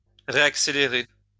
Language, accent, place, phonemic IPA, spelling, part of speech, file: French, France, Lyon, /ʁe.ak.se.le.ʁe/, réaccélérer, verb, LL-Q150 (fra)-réaccélérer.wav
- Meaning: to reaccelerate